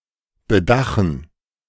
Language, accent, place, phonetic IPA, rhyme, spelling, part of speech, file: German, Germany, Berlin, [bəˈdaxn̩], -axn̩, bedachen, verb, De-bedachen.ogg
- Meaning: to roof; cover with a roof